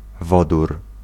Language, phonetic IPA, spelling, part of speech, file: Polish, [ˈvɔdur], wodór, noun, Pl-wodór.ogg